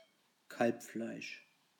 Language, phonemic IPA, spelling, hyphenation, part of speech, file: German, /ˈkalpˌflaɪ̯ʃ/, Kalbfleisch, Kalb‧fleisch, noun, De-Kalbfleisch.ogg
- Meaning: veal